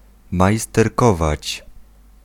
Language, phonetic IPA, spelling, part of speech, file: Polish, [ˌmajstɛrˈkɔvat͡ɕ], majsterkować, verb, Pl-majsterkować.ogg